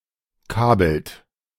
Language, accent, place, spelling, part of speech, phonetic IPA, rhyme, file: German, Germany, Berlin, kabelt, verb, [ˈkaːbl̩t], -aːbl̩t, De-kabelt.ogg
- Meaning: inflection of kabeln: 1. second-person plural present 2. third-person singular present 3. plural imperative